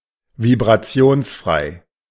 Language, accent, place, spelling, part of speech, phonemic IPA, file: German, Germany, Berlin, vibrationsfrei, adjective, /vibʁaˈtsi̯oːnsˌfʁaɪ̯/, De-vibrationsfrei.ogg
- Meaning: vibrationless